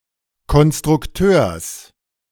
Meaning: genitive singular of Konstrukteur
- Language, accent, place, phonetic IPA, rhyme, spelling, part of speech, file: German, Germany, Berlin, [kɔnstʁʊkˈtøːɐ̯s], -øːɐ̯s, Konstrukteurs, noun, De-Konstrukteurs.ogg